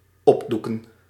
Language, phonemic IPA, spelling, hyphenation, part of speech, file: Dutch, /ˈɔpˌdu.kə(n)/, opdoeken, op‧doe‧ken, verb, Nl-opdoeken.ogg
- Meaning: to shut down, to close down